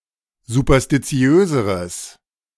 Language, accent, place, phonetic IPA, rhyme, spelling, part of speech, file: German, Germany, Berlin, [zupɐstiˈt͡si̯øːzəʁəs], -øːzəʁəs, superstitiöseres, adjective, De-superstitiöseres.ogg
- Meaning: strong/mixed nominative/accusative neuter singular comparative degree of superstitiös